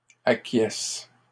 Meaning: second-person singular present indicative/subjunctive of acquiescer
- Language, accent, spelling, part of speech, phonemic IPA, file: French, Canada, acquiesces, verb, /a.kjɛs/, LL-Q150 (fra)-acquiesces.wav